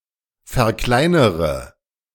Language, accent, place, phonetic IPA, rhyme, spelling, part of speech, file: German, Germany, Berlin, [fɛɐ̯ˈklaɪ̯nəʁə], -aɪ̯nəʁə, verkleinere, verb, De-verkleinere.ogg
- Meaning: inflection of verkleinern: 1. first-person singular present 2. first/third-person singular subjunctive I 3. singular imperative